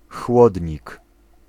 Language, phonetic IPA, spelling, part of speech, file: Polish, [ˈxwɔdʲɲik], chłodnik, noun, Pl-chłodnik.ogg